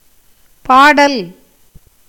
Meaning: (verb) A gerund of பாடு (pāṭu, “to sing, versify”); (noun) 1. song, lyric 2. poem, poetry
- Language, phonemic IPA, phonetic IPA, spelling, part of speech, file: Tamil, /pɑːɖɐl/, [päːɖɐl], பாடல், verb / noun, Ta-பாடல்.ogg